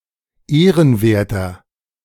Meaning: 1. comparative degree of ehrenwert 2. inflection of ehrenwert: strong/mixed nominative masculine singular 3. inflection of ehrenwert: strong genitive/dative feminine singular
- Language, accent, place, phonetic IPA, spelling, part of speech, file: German, Germany, Berlin, [ˈeːʁənˌveːɐ̯tɐ], ehrenwerter, adjective, De-ehrenwerter.ogg